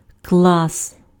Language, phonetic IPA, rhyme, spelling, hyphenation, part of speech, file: Ukrainian, [kɫas], -as, клас, клас, noun, Uk-клас.ogg
- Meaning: 1. class (set of objects that have the same features, quality, rank etc.) 2. class (social) 3. grade (level of primary and secondary education)